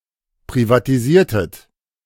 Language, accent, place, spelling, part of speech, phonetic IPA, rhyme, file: German, Germany, Berlin, privatisiertet, verb, [pʁivatiˈziːɐ̯tət], -iːɐ̯tət, De-privatisiertet.ogg
- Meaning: inflection of privatisieren: 1. second-person plural preterite 2. second-person plural subjunctive II